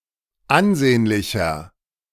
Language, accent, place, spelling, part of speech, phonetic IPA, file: German, Germany, Berlin, ansehnlicher, adjective, [ˈʔanˌzeːnlɪçɐ], De-ansehnlicher.ogg
- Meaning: 1. comparative degree of ansehnlich 2. inflection of ansehnlich: strong/mixed nominative masculine singular 3. inflection of ansehnlich: strong genitive/dative feminine singular